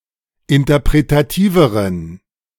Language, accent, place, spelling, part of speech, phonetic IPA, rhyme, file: German, Germany, Berlin, interpretativeren, adjective, [ɪntɐpʁetaˈtiːvəʁən], -iːvəʁən, De-interpretativeren.ogg
- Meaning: inflection of interpretativ: 1. strong genitive masculine/neuter singular comparative degree 2. weak/mixed genitive/dative all-gender singular comparative degree